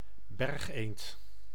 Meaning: common shelduck (Tadorna tadorna)
- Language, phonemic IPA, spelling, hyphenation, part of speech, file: Dutch, /ˈbɛrxˌeːnt/, bergeend, berg‧eend, noun, Nl-bergeend.ogg